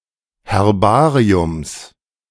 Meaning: genitive of Herbarium
- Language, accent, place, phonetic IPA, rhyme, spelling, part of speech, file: German, Germany, Berlin, [hɛʁˈbaːʁiʊms], -aːʁiʊms, Herbariums, noun, De-Herbariums.ogg